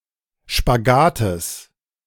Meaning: genitive of Spagat
- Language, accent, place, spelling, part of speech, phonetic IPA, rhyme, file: German, Germany, Berlin, Spagates, noun, [ʃpaˈɡaːtəs], -aːtəs, De-Spagates.ogg